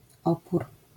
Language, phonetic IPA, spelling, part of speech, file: Polish, [ˈɔpur], opór, noun, LL-Q809 (pol)-opór.wav